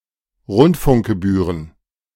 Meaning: plural of Rundfunkgebühr
- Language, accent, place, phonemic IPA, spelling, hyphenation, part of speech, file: German, Germany, Berlin, /ˈʁʊntfʊŋkɡəˌbyːʁən/, Rundfunkgebühren, Rund‧funk‧ge‧büh‧ren, noun, De-Rundfunkgebühren.ogg